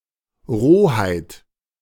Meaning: 1. brutality 2. crudeness
- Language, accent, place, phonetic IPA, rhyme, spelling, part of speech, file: German, Germany, Berlin, [ˈʁoːhaɪ̯t], -oːhaɪ̯t, Rohheit, noun, De-Rohheit.ogg